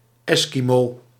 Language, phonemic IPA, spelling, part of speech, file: Dutch, /ˈɛskimo/, Eskimo, noun, Nl-Eskimo.ogg